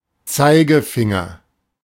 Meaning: pointer finger, index finger, forefinger
- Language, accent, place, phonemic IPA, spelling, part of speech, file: German, Germany, Berlin, /ˈtsaɪ̯ɡəˌfɪŋɐ/, Zeigefinger, noun, De-Zeigefinger.ogg